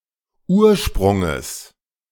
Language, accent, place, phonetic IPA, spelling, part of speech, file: German, Germany, Berlin, [ˈuːɐ̯ˌʃpʁʊŋəs], Ursprunges, noun, De-Ursprunges.ogg
- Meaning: genitive singular of Ursprung